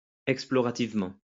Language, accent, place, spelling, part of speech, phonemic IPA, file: French, France, Lyon, explorativement, adverb, /ɛk.splɔ.ʁa.tiv.mɑ̃/, LL-Q150 (fra)-explorativement.wav
- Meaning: exploratively